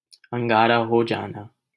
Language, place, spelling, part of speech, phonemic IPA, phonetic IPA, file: Hindi, Delhi, अंगारा हो जाना, verb, /əŋ.ɡɑː.ɾɑː ɦoː d͡ʒɑː.nɑː/, [ɐ̃ŋ.ɡäː.ɾäː‿ɦoː‿d͡ʒäː.näː], LL-Q1568 (hin)-अंगारा हो जाना.wav
- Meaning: 1. for one's face to redden from anger 2. to become upset, angry